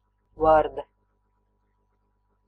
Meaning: frog (small, tailless amphibian (order: Anura) which typically hops)
- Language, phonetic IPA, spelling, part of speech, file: Latvian, [ˈvârdɛ], varde, noun, Lv-varde.ogg